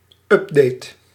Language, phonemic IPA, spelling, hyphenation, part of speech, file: Dutch, /ˈʏp.deːt/, update, up‧date, noun / verb, Nl-update.ogg
- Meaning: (noun) an update; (verb) inflection of updaten: 1. first-person singular present indicative 2. second-person singular present indicative 3. singular imperative 4. singular subjunctive